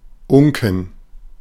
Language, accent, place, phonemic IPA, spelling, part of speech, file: German, Germany, Berlin, /ˈʊŋkɛn/, Unken, noun, De-Unken.ogg
- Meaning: plural of Unke